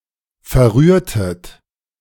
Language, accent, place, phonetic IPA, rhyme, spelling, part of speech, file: German, Germany, Berlin, [fɛɐ̯ˈʁyːɐ̯tət], -yːɐ̯tət, verrührtet, verb, De-verrührtet.ogg
- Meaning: inflection of verrühren: 1. second-person plural preterite 2. second-person plural subjunctive II